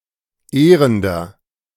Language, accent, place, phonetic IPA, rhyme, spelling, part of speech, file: German, Germany, Berlin, [ˈeːʁəndɐ], -eːʁəndɐ, ehrender, adjective, De-ehrender.ogg
- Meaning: inflection of ehrend: 1. strong/mixed nominative masculine singular 2. strong genitive/dative feminine singular 3. strong genitive plural